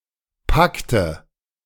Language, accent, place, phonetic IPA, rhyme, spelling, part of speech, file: German, Germany, Berlin, [ˈpaktə], -aktə, Pakte, noun, De-Pakte.ogg
- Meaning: nominative/accusative/genitive plural of Pakt